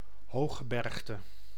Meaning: mountain range consisting of relatively uneroded high mountains, like alps
- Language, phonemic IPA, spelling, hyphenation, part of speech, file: Dutch, /ˈɦoː.xəˌbɛrx.tə/, hooggebergte, hoog‧ge‧berg‧te, noun, Nl-hooggebergte.ogg